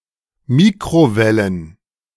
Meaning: plural of Mikrowelle
- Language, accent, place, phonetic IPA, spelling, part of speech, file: German, Germany, Berlin, [ˈmiːkʁoˌvɛlən], Mikrowellen, noun, De-Mikrowellen.ogg